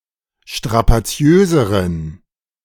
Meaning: inflection of strapaziös: 1. strong genitive masculine/neuter singular comparative degree 2. weak/mixed genitive/dative all-gender singular comparative degree
- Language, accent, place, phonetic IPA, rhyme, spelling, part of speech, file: German, Germany, Berlin, [ʃtʁapaˈt͡si̯øːzəʁən], -øːzəʁən, strapaziöseren, adjective, De-strapaziöseren.ogg